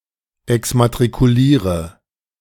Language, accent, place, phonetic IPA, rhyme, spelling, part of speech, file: German, Germany, Berlin, [ɛksmatʁikuˈliːʁə], -iːʁə, exmatrikuliere, verb, De-exmatrikuliere.ogg
- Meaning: inflection of exmatrikulieren: 1. first-person singular present 2. first/third-person singular subjunctive I 3. singular imperative